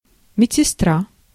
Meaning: (female) hospital nurse
- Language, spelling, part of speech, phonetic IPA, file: Russian, медсестра, noun, [mʲɪt͡sʲsʲɪˈstra], Ru-медсестра.ogg